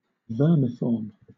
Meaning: In the shape of a worm
- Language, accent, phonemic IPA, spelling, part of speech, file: English, Southern England, /ˈvɜː(ɹ)mɪfɔː(ɹ)m/, vermiform, adjective, LL-Q1860 (eng)-vermiform.wav